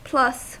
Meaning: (preposition) 1. And; sum of the previous one and the following one 2. With; having in addition; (conjunction) And also; in addition; besides (which); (noun) A positive quantity
- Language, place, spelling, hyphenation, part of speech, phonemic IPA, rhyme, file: English, California, plus, plus, preposition / conjunction / noun / adjective / verb, /ˈplʌs/, -ʌs, En-us-plus.ogg